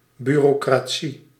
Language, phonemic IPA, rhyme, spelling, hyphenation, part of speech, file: Dutch, /ˌby.roː.kraːˈ(t)si/, -i, bureaucratie, bu‧reau‧cra‧tie, noun, Nl-bureaucratie.ogg
- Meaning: bureaucracy (system of organising the civil service; civil service corps; red tape)